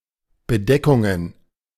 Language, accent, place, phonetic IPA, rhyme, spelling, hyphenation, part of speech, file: German, Germany, Berlin, [bəˈdɛkʊŋən], -ɛkʊŋən, Bedeckungen, Be‧de‧ckun‧gen, noun, De-Bedeckungen.ogg
- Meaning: plural of Bedeckung